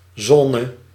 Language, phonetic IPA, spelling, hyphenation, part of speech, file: Dutch, [ˈzɔːnə], zone, zo‧ne, noun, Nl-zone.ogg
- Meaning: zone